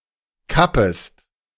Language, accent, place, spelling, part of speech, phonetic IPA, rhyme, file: German, Germany, Berlin, kappest, verb, [ˈkapəst], -apəst, De-kappest.ogg
- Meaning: second-person singular subjunctive I of kappen